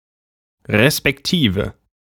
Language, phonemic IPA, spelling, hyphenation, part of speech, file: German, /respɛkˈtiːve/, respektive, res‧pek‧ti‧ve, conjunction, De-respektive.ogg
- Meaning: respectively